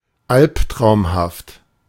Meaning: alternative spelling of albtraumhaft
- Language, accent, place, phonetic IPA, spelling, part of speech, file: German, Germany, Berlin, [ˈalptʁaʊ̯mhaft], alptraumhaft, adjective, De-alptraumhaft.ogg